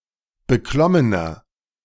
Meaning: inflection of beklommen: 1. strong/mixed nominative masculine singular 2. strong genitive/dative feminine singular 3. strong genitive plural
- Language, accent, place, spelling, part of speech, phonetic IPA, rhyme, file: German, Germany, Berlin, beklommener, adjective, [bəˈklɔmənɐ], -ɔmənɐ, De-beklommener.ogg